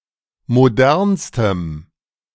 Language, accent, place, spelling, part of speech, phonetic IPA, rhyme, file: German, Germany, Berlin, modernstem, adjective, [moˈdɛʁnstəm], -ɛʁnstəm, De-modernstem.ogg
- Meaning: strong dative masculine/neuter singular superlative degree of modern